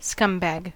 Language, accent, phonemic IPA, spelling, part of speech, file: English, US, /ˈskʌmˌbæɡ/, scumbag, noun, En-us-scumbag.ogg
- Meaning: 1. A condom 2. A sleazy, disreputable, despicable, or otherwise immoral person; a lowlife